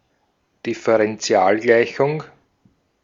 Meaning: differential equation (equation involving the derivatives of a function)
- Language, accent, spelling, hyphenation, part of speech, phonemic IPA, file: German, Austria, Differentialgleichung, Dif‧fe‧ren‧ti‧al‧glei‧chung, noun, /dɪfəʁɛnˈtsi̯aːlˌɡlaɪ̯çʊŋ/, De-at-Differentialgleichung.ogg